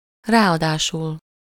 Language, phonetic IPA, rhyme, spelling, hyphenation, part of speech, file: Hungarian, [ˈraːɒdaːʃul], -ul, ráadásul, rá‧adá‧sul, adverb, Hu-ráadásul.ogg
- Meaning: in addition, moreover, furthermore, at that